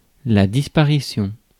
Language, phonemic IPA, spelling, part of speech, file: French, /dis.pa.ʁi.sjɔ̃/, disparition, noun, Fr-disparition.ogg
- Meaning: disappearance